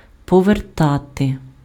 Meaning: 1. to turn (change the direction or orientation of) 2. to return, to give back, to restore 3. to repay, to pay back, to reimburse (:money, debt)
- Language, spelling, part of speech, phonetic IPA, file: Ukrainian, повертати, verb, [pɔʋerˈtate], Uk-повертати.ogg